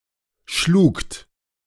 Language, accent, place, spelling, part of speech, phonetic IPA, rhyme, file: German, Germany, Berlin, schlugt, verb, [ʃluːkt], -uːkt, De-schlugt.ogg
- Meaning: second-person plural preterite of schlagen